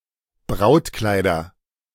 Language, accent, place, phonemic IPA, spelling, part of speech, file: German, Germany, Berlin, /ˈbʁaʊ̯tˌklaɪ̯dɐ/, Brautkleider, noun, De-Brautkleider.ogg
- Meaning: nominative/accusative/genitive plural of Brautkleid